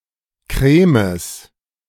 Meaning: plural of Kreme
- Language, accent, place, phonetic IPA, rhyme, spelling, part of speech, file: German, Germany, Berlin, [kʁɛːms], -ɛːms, Kremes, noun, De-Kremes.ogg